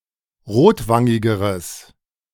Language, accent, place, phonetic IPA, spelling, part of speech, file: German, Germany, Berlin, [ˈʁoːtˌvaŋɪɡəʁəs], rotwangigeres, adjective, De-rotwangigeres.ogg
- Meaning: strong/mixed nominative/accusative neuter singular comparative degree of rotwangig